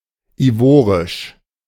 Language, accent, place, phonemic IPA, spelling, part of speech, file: German, Germany, Berlin, /iˈvoːʁɪʃ/, ivorisch, adjective, De-ivorisch.ogg
- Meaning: of the Ivory Coast (Côte d'Ivoire); Ivorian